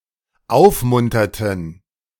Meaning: inflection of aufmuntern: 1. first/third-person plural dependent preterite 2. first/third-person plural dependent subjunctive II
- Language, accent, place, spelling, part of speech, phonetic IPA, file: German, Germany, Berlin, aufmunterten, verb, [ˈaʊ̯fˌmʊntɐtn̩], De-aufmunterten.ogg